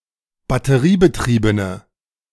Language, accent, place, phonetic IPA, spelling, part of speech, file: German, Germany, Berlin, [batəˈʁiːbəˌtʁiːbənə], batteriebetriebene, adjective, De-batteriebetriebene.ogg
- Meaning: inflection of batteriebetrieben: 1. strong/mixed nominative/accusative feminine singular 2. strong nominative/accusative plural 3. weak nominative all-gender singular